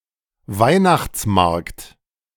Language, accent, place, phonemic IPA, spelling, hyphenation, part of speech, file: German, Germany, Berlin, /ˈvaɪ̯naxt͡sˌmaʁkt/, Weihnachtsmarkt, Weih‧nachts‧markt, noun, De-Weihnachtsmarkt.ogg
- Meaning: Christmas market